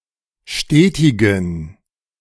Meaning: inflection of stetig: 1. strong genitive masculine/neuter singular 2. weak/mixed genitive/dative all-gender singular 3. strong/weak/mixed accusative masculine singular 4. strong dative plural
- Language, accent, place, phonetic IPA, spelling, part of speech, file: German, Germany, Berlin, [ˈʃteːtɪɡn̩], stetigen, adjective, De-stetigen.ogg